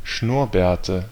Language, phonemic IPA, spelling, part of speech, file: German, /ˈʃnʊʁˌbɛːɐ̯tə/, Schnurrbärte, noun, De-Schnurrbärte.ogg
- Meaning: nominative/accusative/genitive plural of Schnurrbart